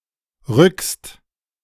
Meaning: second-person singular present of rücken
- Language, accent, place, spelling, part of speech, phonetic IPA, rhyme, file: German, Germany, Berlin, rückst, verb, [ʁʏkst], -ʏkst, De-rückst.ogg